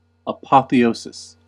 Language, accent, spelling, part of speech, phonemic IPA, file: English, US, apotheosis, noun, /əˌpɑ.θiˈoʊ.sɪs/, En-us-apotheosis.ogg
- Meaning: 1. The fact or action of becoming or making into a god; deification 2. Glorification, exaltation; crediting someone or something with extraordinary power or status